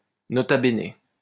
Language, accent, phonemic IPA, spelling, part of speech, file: French, France, /nɔ.ta be.ne/, nota bene, interjection, LL-Q150 (fra)-nota bene.wav
- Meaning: nota bene (used to add an aside or warning to a text)